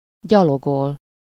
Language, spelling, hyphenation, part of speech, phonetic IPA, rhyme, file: Hungarian, gyalogol, gya‧lo‧gol, verb, [ˈɟɒloɡol], -ol, Hu-gyalogol.ogg
- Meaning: to go on foot, walk, stroll